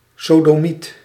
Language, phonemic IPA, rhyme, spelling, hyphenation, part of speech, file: Dutch, /ˌsoː.dɔˈmit/, -it, sodomiet, so‧do‧miet, noun, Nl-sodomiet.ogg
- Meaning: a sodomite, a man who penetrates another man anally or (more generally) any male homosexual